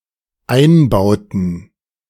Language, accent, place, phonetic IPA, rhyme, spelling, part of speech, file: German, Germany, Berlin, [ˈaɪ̯nˌbaʊ̯tn̩], -aɪ̯nbaʊ̯tn̩, Einbauten, noun, De-Einbauten.ogg
- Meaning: plural of Einbau